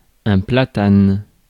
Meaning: a sycamore or planetree (genus Platanus)
- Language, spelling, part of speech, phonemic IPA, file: French, platane, noun, /pla.tan/, Fr-platane.ogg